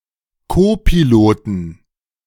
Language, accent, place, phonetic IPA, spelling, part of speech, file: German, Germany, Berlin, [ˈkoːpiloːtn̩], Kopiloten, noun, De-Kopiloten.ogg
- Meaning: 1. genitive singular of Kopilot 2. plural of Kopilot